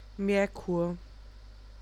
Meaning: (proper noun) Mercury; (noun) mercury
- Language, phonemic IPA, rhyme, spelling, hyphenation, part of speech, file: German, /mɛʁˈkuːɐ̯/, -uːɐ̯, Merkur, Mer‧kur, proper noun / noun, De-Merkur.ogg